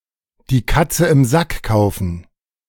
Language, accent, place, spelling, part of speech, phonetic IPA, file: German, Germany, Berlin, die Katze im Sack kaufen, verb, [diː ˈkat͡sə ɪm ˈzak ˌkaʊ̯fn̩], De-die Katze im Sack kaufen.ogg
- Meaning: to buy a pig in a poke